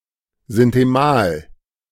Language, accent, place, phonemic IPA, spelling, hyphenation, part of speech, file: German, Germany, Berlin, /ˌzɪntəˈmaːl/, sintemal, sin‧te‧mal, conjunction, De-sintemal.ogg
- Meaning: (especially) since, (especially) because, forasmuch